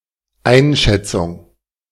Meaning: assessment, estimation
- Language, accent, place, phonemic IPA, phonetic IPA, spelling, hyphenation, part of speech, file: German, Germany, Berlin, /ˈaɪ̯nˌʃɛtsʊŋ/, [ˈʔaɪ̯nˌʃɛtsʊŋ], Einschätzung, Ein‧schät‧zung, noun, De-Einschätzung.ogg